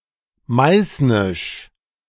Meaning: alternative form of meißenisch
- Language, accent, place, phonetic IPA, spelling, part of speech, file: German, Germany, Berlin, [ˈmaɪ̯snɪʃ], meißnisch, adjective, De-meißnisch.ogg